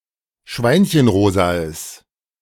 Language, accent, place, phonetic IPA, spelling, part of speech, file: German, Germany, Berlin, [ˈʃvaɪ̯nçənˌʁoːzaəs], schweinchenrosaes, adjective, De-schweinchenrosaes.ogg
- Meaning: strong/mixed nominative/accusative neuter singular of schweinchenrosa